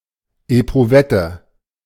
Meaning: test tube
- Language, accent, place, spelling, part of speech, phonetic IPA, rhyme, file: German, Germany, Berlin, Eprouvette, noun, [epʁʊˈvɛtə], -ɛtə, De-Eprouvette.ogg